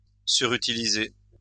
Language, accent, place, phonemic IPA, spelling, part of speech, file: French, France, Lyon, /sy.ʁy.ti.li.ze/, surutiliser, verb, LL-Q150 (fra)-surutiliser.wav
- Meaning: to overuse